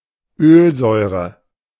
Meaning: oleic acid
- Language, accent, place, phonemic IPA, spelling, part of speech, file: German, Germany, Berlin, /øːlzɔʏ̯ʁə/, Ölsäure, noun, De-Ölsäure.ogg